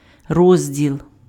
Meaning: 1. division, section 2. column (in newspaper), rubric 3. part, chapter (in a book, document) 4. category
- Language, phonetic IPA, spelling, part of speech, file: Ukrainian, [ˈrɔzʲdʲiɫ], розділ, noun, Uk-розділ.ogg